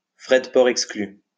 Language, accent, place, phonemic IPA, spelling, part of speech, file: French, France, Lyon, /fʁɛ d(ə) pɔʁ ɛk.skly/, fdpout, adverb, LL-Q150 (fra)-fdpout.wav
- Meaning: P&P not included